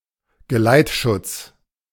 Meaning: convoy protection, escort protection
- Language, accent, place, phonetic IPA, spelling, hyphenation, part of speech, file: German, Germany, Berlin, [ɡəˈlaɪ̯tˌʃʊt͡s], Geleitschutz, Ge‧leit‧schutz, noun, De-Geleitschutz.ogg